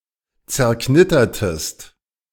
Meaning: inflection of zerknittern: 1. second-person singular preterite 2. second-person singular subjunctive II
- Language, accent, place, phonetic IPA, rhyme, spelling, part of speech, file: German, Germany, Berlin, [t͡sɛɐ̯ˈknɪtɐtəst], -ɪtɐtəst, zerknittertest, verb, De-zerknittertest.ogg